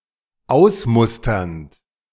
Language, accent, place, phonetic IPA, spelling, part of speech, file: German, Germany, Berlin, [ˈaʊ̯sˌmʊstɐnt], ausmusternd, verb, De-ausmusternd.ogg
- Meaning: present participle of ausmustern